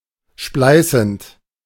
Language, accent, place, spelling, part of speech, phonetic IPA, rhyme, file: German, Germany, Berlin, spleißend, verb, [ˈʃplaɪ̯sn̩t], -aɪ̯sn̩t, De-spleißend.ogg
- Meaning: present participle of spleißen